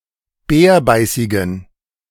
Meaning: inflection of bärbeißig: 1. strong genitive masculine/neuter singular 2. weak/mixed genitive/dative all-gender singular 3. strong/weak/mixed accusative masculine singular 4. strong dative plural
- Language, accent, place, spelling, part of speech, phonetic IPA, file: German, Germany, Berlin, bärbeißigen, adjective, [ˈbɛːɐ̯ˌbaɪ̯sɪɡn̩], De-bärbeißigen.ogg